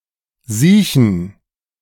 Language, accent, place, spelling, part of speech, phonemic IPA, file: German, Germany, Berlin, siechen, verb / adjective, /ˈziːçən/, De-siechen.ogg
- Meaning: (verb) 1. to be very ill, bedridden for a long time, moribund 2. to be ill (in general); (adjective) inflection of siech: strong genitive masculine/neuter singular